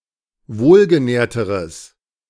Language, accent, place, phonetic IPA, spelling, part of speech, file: German, Germany, Berlin, [ˈvoːlɡəˌnɛːɐ̯təʁəs], wohlgenährteres, adjective, De-wohlgenährteres.ogg
- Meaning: strong/mixed nominative/accusative neuter singular comparative degree of wohlgenährt